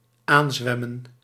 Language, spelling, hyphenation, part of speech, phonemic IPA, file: Dutch, aanzwemmen, aan‧zwem‧men, verb, /ˈaːnˌzʋɛ.mə(n)/, Nl-aanzwemmen.ogg
- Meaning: to approach by swimming